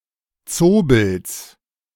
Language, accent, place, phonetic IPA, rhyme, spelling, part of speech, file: German, Germany, Berlin, [ˈt͡soːbl̩s], -oːbl̩s, Zobels, noun, De-Zobels.ogg
- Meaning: genitive singular of Zobel